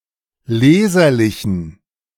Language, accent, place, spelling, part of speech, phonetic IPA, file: German, Germany, Berlin, leserlichen, adjective, [ˈleːzɐlɪçn̩], De-leserlichen.ogg
- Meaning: inflection of leserlich: 1. strong genitive masculine/neuter singular 2. weak/mixed genitive/dative all-gender singular 3. strong/weak/mixed accusative masculine singular 4. strong dative plural